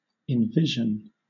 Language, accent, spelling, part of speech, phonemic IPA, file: English, Southern England, envision, verb, /ɪnˈvɪʒn̩/, LL-Q1860 (eng)-envision.wav
- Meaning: To conceive or see something within one's mind. To imagine